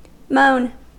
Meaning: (noun) 1. A low, mournful cry of pain, sorrow or pleasure 2. A lament or sorrow; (verb) 1. To complain about; to bemoan, to bewail; to mourn 2. To grieve 3. To make a moan or similar sound
- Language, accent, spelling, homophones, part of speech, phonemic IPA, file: English, US, moan, mown, noun / verb / adjective, /moʊn/, En-us-moan.ogg